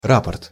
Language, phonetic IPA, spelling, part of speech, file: Russian, [ˈrapərt], рапорт, noun, Ru-рапорт.ogg
- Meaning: report